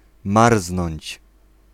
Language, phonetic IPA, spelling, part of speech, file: Polish, [ˈmarznɔ̃ɲt͡ɕ], marznąć, verb, Pl-marznąć.ogg